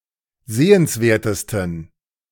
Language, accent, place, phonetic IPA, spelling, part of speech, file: German, Germany, Berlin, [ˈzeːənsˌveːɐ̯təstn̩], sehenswertesten, adjective, De-sehenswertesten.ogg
- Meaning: 1. superlative degree of sehenswert 2. inflection of sehenswert: strong genitive masculine/neuter singular superlative degree